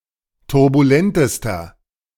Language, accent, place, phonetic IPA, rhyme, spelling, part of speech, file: German, Germany, Berlin, [tʊʁbuˈlɛntəstɐ], -ɛntəstɐ, turbulentester, adjective, De-turbulentester.ogg
- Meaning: inflection of turbulent: 1. strong/mixed nominative masculine singular superlative degree 2. strong genitive/dative feminine singular superlative degree 3. strong genitive plural superlative degree